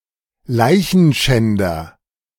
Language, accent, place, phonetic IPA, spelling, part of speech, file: German, Germany, Berlin, [ˈlaɪ̯çn̩ˌʃɛndɐ], Leichenschänder, noun, De-Leichenschänder.ogg
- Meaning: 1. person who has sex with a dead human body 2. person who treats a dead human body in a disrespectful way